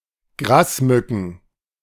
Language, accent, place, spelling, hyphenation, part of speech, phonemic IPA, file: German, Germany, Berlin, Grasmücken, Gras‧mü‧cken, noun, /ˈɡʁaːsˌmʏkn̩/, De-Grasmücken.ogg
- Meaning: plural of Grasmücke